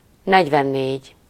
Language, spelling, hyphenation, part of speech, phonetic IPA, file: Hungarian, negyvennégy, negy‧ven‧négy, numeral, [ˈnɛɟvɛnːeːɟ], Hu-negyvennégy.ogg
- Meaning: forty-four